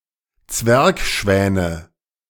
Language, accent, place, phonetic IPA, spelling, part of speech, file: German, Germany, Berlin, [ˈt͡svɛʁkˌʃvɛːnə], Zwergschwäne, noun, De-Zwergschwäne.ogg
- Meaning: nominative/accusative/genitive plural of Zwergschwan